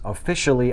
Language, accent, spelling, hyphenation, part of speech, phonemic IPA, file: English, US, officially, of‧fi‧cial‧ly, adverb, /əˈfɪʃ.(ə.)li/, En-us-officially.ogg
- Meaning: 1. In an official manner; according to official rules or regulations 2. Thoroughly, completely